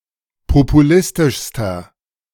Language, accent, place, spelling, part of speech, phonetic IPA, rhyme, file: German, Germany, Berlin, populistischster, adjective, [popuˈlɪstɪʃstɐ], -ɪstɪʃstɐ, De-populistischster.ogg
- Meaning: inflection of populistisch: 1. strong/mixed nominative masculine singular superlative degree 2. strong genitive/dative feminine singular superlative degree 3. strong genitive plural superlative degree